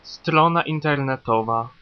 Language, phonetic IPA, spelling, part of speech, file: Polish, [ˈstrɔ̃na ˌĩntɛrnɛˈtɔva], strona internetowa, noun, Pl-strona internetowa.ogg